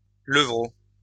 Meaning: alternative form of levreau
- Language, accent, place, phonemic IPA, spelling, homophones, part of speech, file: French, France, Lyon, /lə.vʁo/, levraut, levrauts / levreau / levreaux, noun, LL-Q150 (fra)-levraut.wav